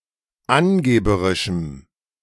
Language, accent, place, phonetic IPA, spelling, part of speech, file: German, Germany, Berlin, [ˈanˌɡeːbəʁɪʃm̩], angeberischem, adjective, De-angeberischem.ogg
- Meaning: strong dative masculine/neuter singular of angeberisch